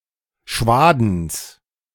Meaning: genitive singular of Schwaden
- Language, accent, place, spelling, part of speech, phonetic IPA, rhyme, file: German, Germany, Berlin, Schwadens, noun, [ˈʃvaːdn̩s], -aːdn̩s, De-Schwadens.ogg